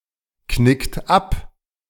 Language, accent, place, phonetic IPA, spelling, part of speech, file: German, Germany, Berlin, [ˌknɪkt ˈap], knickt ab, verb, De-knickt ab.ogg
- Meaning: inflection of abknicken: 1. second-person plural present 2. third-person singular present 3. plural imperative